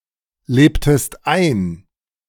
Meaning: inflection of einleben: 1. second-person singular preterite 2. second-person singular subjunctive II
- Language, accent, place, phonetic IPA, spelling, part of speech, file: German, Germany, Berlin, [ˌleːptəst ˈaɪ̯n], lebtest ein, verb, De-lebtest ein.ogg